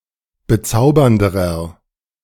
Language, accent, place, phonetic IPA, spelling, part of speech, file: German, Germany, Berlin, [bəˈt͡saʊ̯bɐndəʁɐ], bezaubernderer, adjective, De-bezaubernderer.ogg
- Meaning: inflection of bezaubernd: 1. strong/mixed nominative masculine singular comparative degree 2. strong genitive/dative feminine singular comparative degree 3. strong genitive plural comparative degree